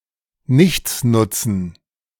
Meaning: dative plural of Nichtsnutz
- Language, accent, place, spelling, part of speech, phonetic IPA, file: German, Germany, Berlin, Nichtsnutzen, noun, [ˈnɪçt͡snʊt͡sn̩], De-Nichtsnutzen.ogg